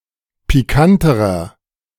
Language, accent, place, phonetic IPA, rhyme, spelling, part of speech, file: German, Germany, Berlin, [piˈkantəʁɐ], -antəʁɐ, pikanterer, adjective, De-pikanterer.ogg
- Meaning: inflection of pikant: 1. strong/mixed nominative masculine singular comparative degree 2. strong genitive/dative feminine singular comparative degree 3. strong genitive plural comparative degree